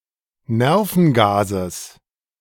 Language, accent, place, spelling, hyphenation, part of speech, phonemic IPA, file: German, Germany, Berlin, Nervengases, Ner‧ven‧ga‧ses, noun, /ˈnɛʁfn̩ɡaːzəs/, De-Nervengases.ogg
- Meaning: genitive singular of Nervengas